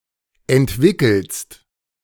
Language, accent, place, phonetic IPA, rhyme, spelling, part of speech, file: German, Germany, Berlin, [ɛntˈvɪkl̩st], -ɪkl̩st, entwickelst, verb, De-entwickelst.ogg
- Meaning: second-person singular present of entwickeln